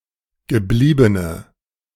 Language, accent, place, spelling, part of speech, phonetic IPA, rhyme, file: German, Germany, Berlin, gebliebene, adjective, [ɡəˈbliːbənə], -iːbənə, De-gebliebene.ogg
- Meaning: inflection of geblieben: 1. strong/mixed nominative/accusative feminine singular 2. strong nominative/accusative plural 3. weak nominative all-gender singular